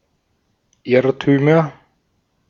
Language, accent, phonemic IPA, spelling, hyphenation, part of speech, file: German, Austria, /ˈɪʁtyːmɐ/, Irrtümer, Irr‧tü‧mer, noun, De-at-Irrtümer.ogg
- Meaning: nominative/accusative/genitive plural of Irrtum